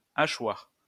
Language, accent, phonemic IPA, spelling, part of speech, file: French, France, /a.ʃwaʁ/, hachoir, noun, LL-Q150 (fra)-hachoir.wav
- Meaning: 1. meatgrinder 2. mezzaluna (crescent-shaped blade)